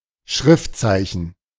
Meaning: character (of writing)
- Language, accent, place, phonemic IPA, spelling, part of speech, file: German, Germany, Berlin, /ˈʃʁɪftˌt͡saɪ̯çn̩/, Schriftzeichen, noun, De-Schriftzeichen.ogg